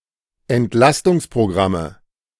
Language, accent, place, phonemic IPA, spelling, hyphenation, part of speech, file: German, Germany, Berlin, /ɛntˈlastʊŋspʁoˌɡʁamə/, Entlastungsprogramme, Ent‧las‧tungs‧pro‧gram‧me, noun, De-Entlastungsprogramme.ogg
- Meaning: 1. dative singular of Entlastungsprogramm 2. nominative genitive accusative plural of Entlastungsprogramm